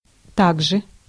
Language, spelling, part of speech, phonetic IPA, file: Russian, также, adverb, [ˈtaɡʐɨ], Ru-также.ogg
- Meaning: 1. also, too, as well, likewise 2. either, neither, nor